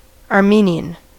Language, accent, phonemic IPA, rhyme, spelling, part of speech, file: English, US, /ɑɹˈmini.ən/, -iːniən, Armenian, adjective / noun / proper noun, En-us-Armenian.ogg
- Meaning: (adjective) Of, from, or pertaining to Armenia, the Armenian people, the Armenian language, or the Armenian alphabet; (noun) A person from Armenia or of Armenian descent